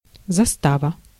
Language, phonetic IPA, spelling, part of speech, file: Russian, [zɐˈstavə], застава, noun, Ru-застава.ogg
- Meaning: 1. gate, turnpike 2. outpost 3. picket, security detachment